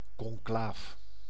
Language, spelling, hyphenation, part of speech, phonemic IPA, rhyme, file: Dutch, conclaaf, con‧claaf, noun, /kɔŋˈklaːf/, -aːf, Nl-conclaaf.ogg
- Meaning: conclave (meeting room for electing a Pope; meeting for electing a Pope)